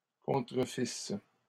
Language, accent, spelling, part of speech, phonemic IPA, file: French, Canada, contrefisses, verb, /kɔ̃.tʁə.fis/, LL-Q150 (fra)-contrefisses.wav
- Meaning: second-person singular imperfect subjunctive of contrefaire